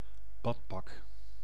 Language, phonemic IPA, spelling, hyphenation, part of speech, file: Dutch, /ˈbɑtpɑk/, badpak, bad‧pak, noun, Nl-badpak.ogg
- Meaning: bathing suit, swimsuit